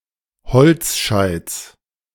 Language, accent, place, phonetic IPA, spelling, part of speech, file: German, Germany, Berlin, [ˈhɔlt͡sˌʃaɪ̯t͡s], Holzscheits, noun, De-Holzscheits.ogg
- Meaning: genitive singular of Holzscheit